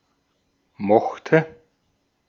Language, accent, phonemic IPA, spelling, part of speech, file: German, Austria, /ˈmɔxtə/, mochte, verb, De-at-mochte.ogg
- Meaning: first/third-person singular preterite of mögen